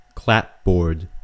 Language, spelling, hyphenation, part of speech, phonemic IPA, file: English, clapboard, clap‧board, noun / verb, /ˈklæpˌbɔː(ɹ)d/, En-us-clapboard.ogg
- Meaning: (noun) A narrow board, usually thicker at one edge than the other, used as siding for houses and similar structures of frame construction